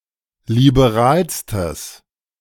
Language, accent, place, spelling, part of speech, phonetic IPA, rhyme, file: German, Germany, Berlin, liberalstes, adjective, [libeˈʁaːlstəs], -aːlstəs, De-liberalstes.ogg
- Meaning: strong/mixed nominative/accusative neuter singular superlative degree of liberal